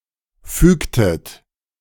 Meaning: inflection of fügen: 1. second-person plural preterite 2. second-person plural subjunctive II
- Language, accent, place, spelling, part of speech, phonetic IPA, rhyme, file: German, Germany, Berlin, fügtet, verb, [ˈfyːktət], -yːktət, De-fügtet.ogg